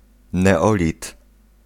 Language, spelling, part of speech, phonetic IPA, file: Polish, neolit, noun, [nɛˈɔlʲit], Pl-neolit.ogg